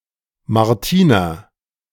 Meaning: a female given name, equivalent to English Martina
- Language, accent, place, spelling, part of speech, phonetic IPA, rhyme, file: German, Germany, Berlin, Martina, proper noun, [maʁˈtiːna], -iːna, De-Martina.ogg